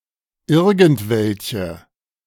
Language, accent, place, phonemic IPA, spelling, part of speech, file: German, Germany, Berlin, /ˈɪʁɡn̩tˌvɛlçə/, irgendwelche, pronoun, De-irgendwelche.ogg
- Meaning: any (no matter which)